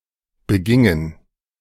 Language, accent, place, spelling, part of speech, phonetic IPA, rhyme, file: German, Germany, Berlin, begingen, verb, [bəˈɡɪŋən], -ɪŋən, De-begingen.ogg
- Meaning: inflection of begehen: 1. first/third-person plural preterite 2. first/third-person plural subjunctive II